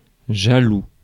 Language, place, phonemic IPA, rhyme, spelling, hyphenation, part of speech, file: French, Paris, /ʒa.lu/, -u, jaloux, ja‧loux, adjective, Fr-jaloux.ogg
- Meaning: jealous